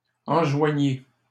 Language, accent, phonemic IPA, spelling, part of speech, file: French, Canada, /ɑ̃.ʒwa.ɲi/, enjoignis, verb, LL-Q150 (fra)-enjoignis.wav
- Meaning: first/second-person singular past historic of enjoindre